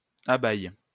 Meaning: third-person plural present indicative/subjunctive of abayer
- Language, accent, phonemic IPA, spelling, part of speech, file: French, France, /a.bɛj/, abayent, verb, LL-Q150 (fra)-abayent.wav